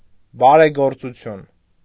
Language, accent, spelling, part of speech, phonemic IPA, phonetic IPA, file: Armenian, Eastern Armenian, բարեգործություն, noun, /bɑɾeɡoɾt͡suˈtʰjun/, [bɑɾeɡoɾt͡sut͡sʰjún], Hy-բարեգործություն.ogg
- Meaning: philanthropy, charity